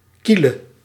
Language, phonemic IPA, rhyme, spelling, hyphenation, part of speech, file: Dutch, /ˈki.lə/, -ilə, kiele, kie‧le, interjection, Nl-kiele.ogg
- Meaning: An expression said when one is tickling someone